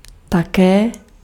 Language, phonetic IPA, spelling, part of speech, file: Czech, [ˈtakɛː], také, adverb, Cs-také.ogg
- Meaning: too, also, as well